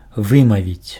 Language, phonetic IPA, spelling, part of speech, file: Belarusian, [ˈvɨmavʲit͡sʲ], вымавіць, verb, Be-вымавіць.ogg
- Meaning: 1. to pronounce 2. to utter